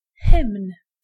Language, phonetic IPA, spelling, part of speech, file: Polish, [xɨ̃mn], hymn, noun, Pl-hymn.ogg